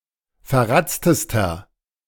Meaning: inflection of verratzt: 1. strong/mixed nominative masculine singular superlative degree 2. strong genitive/dative feminine singular superlative degree 3. strong genitive plural superlative degree
- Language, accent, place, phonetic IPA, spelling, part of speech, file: German, Germany, Berlin, [fɛɐ̯ˈʁat͡stəstɐ], verratztester, adjective, De-verratztester.ogg